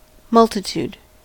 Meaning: 1. A great amount or number, often of people; abundance, myriad, profusion 2. The mass of ordinary people; the masses, the populace
- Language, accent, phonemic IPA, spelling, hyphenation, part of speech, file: English, General American, /ˈmʌltəˌt(j)ud/, multitude, mul‧ti‧tude, noun, En-us-multitude.ogg